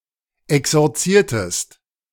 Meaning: inflection of exorzieren: 1. second-person singular preterite 2. second-person singular subjunctive II
- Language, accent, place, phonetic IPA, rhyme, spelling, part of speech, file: German, Germany, Berlin, [ɛksɔʁˈt͡siːɐ̯təst], -iːɐ̯təst, exorziertest, verb, De-exorziertest.ogg